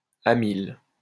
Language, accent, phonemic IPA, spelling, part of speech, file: French, France, /a.mil/, amyle, noun, LL-Q150 (fra)-amyle.wav
- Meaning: amyl